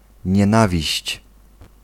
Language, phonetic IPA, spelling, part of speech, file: Polish, [ɲɛ̃ˈnavʲiɕt͡ɕ], nienawiść, noun, Pl-nienawiść.ogg